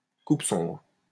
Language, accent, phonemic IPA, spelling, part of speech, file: French, France, /kup sɔ̃bʁ/, coupe sombre, noun, LL-Q150 (fra)-coupe sombre.wav
- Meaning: 1. light felling, thinning of the trees 2. drastic cuts